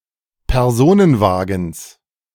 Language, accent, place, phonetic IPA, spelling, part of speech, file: German, Germany, Berlin, [pɛʁˈzoːnənˌvaːɡn̩s], Personenwagens, noun, De-Personenwagens.ogg
- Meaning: genitive singular of Personenwagen